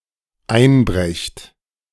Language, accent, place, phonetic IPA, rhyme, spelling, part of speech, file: German, Germany, Berlin, [ˈaɪ̯nˌbʁɛçt], -aɪ̯nbʁɛçt, einbrecht, verb, De-einbrecht.ogg
- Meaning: second-person plural dependent present of einbrechen